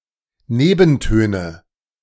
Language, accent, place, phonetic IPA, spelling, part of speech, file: German, Germany, Berlin, [ˈneːbn̩ˌtøːnə], Nebentöne, noun, De-Nebentöne.ogg
- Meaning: nominative/accusative/genitive plural of Nebenton